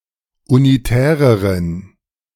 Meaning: inflection of unitär: 1. strong genitive masculine/neuter singular comparative degree 2. weak/mixed genitive/dative all-gender singular comparative degree
- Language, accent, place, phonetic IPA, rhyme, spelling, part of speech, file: German, Germany, Berlin, [uniˈtɛːʁəʁən], -ɛːʁəʁən, unitäreren, adjective, De-unitäreren.ogg